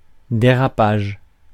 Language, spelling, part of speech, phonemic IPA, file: French, dérapage, noun, /de.ʁa.paʒ/, Fr-dérapage.ogg
- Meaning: skid; action of skidding